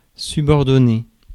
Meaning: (adjective) 1. subordinate (placed in a lower class, rank, or position) 2. subordinate; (verb) past participle of subordonner
- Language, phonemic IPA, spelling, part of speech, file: French, /sy.bɔʁ.dɔ.ne/, subordonné, adjective / noun / verb, Fr-subordonné.ogg